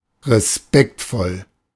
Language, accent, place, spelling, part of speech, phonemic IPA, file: German, Germany, Berlin, respektvoll, adjective, /ʁeˈspɛktˌfɔl/, De-respektvoll.ogg
- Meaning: respectful